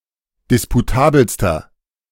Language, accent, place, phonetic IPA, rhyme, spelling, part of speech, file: German, Germany, Berlin, [ˌdɪspuˈtaːbl̩stɐ], -aːbl̩stɐ, disputabelster, adjective, De-disputabelster.ogg
- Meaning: inflection of disputabel: 1. strong/mixed nominative masculine singular superlative degree 2. strong genitive/dative feminine singular superlative degree 3. strong genitive plural superlative degree